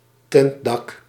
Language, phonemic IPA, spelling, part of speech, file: Dutch, /ˈtɛntdɑk/, tentdak, noun, Nl-tentdak.ogg
- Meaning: tented roof